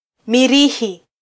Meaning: Mars (planet)
- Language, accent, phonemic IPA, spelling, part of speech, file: Swahili, Kenya, /miˈɾi.hi/, Mirihi, proper noun, Sw-ke-Mirihi.flac